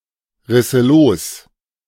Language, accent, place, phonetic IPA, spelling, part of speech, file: German, Germany, Berlin, [ˌʁɪsə ˈloːs], risse los, verb, De-risse los.ogg
- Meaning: first/third-person singular subjunctive II of losreißen